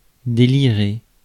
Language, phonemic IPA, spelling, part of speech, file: French, /de.li.ʁe/, délirer, verb, Fr-délirer.ogg
- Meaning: 1. to be delirious 2. to be out of one's mind